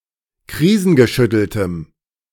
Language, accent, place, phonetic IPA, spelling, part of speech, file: German, Germany, Berlin, [ˈkʁiːzn̩ɡəˌʃʏtl̩təm], krisengeschütteltem, adjective, De-krisengeschütteltem.ogg
- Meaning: strong dative masculine/neuter singular of krisengeschüttelt